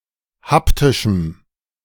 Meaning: strong dative masculine/neuter singular of haptisch
- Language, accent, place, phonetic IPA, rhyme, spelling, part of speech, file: German, Germany, Berlin, [ˈhaptɪʃm̩], -aptɪʃm̩, haptischem, adjective, De-haptischem.ogg